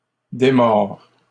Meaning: third-person singular present indicative of démordre
- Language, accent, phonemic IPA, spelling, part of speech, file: French, Canada, /de.mɔʁ/, démord, verb, LL-Q150 (fra)-démord.wav